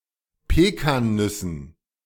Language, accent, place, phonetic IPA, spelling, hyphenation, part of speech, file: German, Germany, Berlin, [ˈpeːkaːnˌnʏsn̩], Pekannüssen, Pe‧kan‧nüs‧sen, noun, De-Pekannüssen.ogg
- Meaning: dative plural of Pekannuss